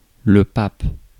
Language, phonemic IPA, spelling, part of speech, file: French, /pap/, pape, noun, Fr-pape.ogg
- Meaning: Pope